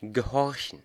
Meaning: 1. to obey 2. to listen to reason, hearken
- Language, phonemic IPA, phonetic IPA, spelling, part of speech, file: German, /ɡəˈhɔʁçən/, [ɡeˈhɔɐ̯çn̩], gehorchen, verb, De-gehorchen.ogg